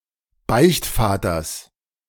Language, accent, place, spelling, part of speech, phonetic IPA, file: German, Germany, Berlin, Beichtvaters, noun, [ˈbaɪ̯çtˌfaːtɐs], De-Beichtvaters.ogg
- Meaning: genitive singular of Beichtvater